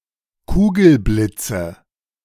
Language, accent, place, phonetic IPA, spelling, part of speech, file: German, Germany, Berlin, [ˈkuːɡl̩ˌblɪt͡sə], Kugelblitze, noun, De-Kugelblitze.ogg
- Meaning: nominative/accusative/genitive plural of Kugelblitz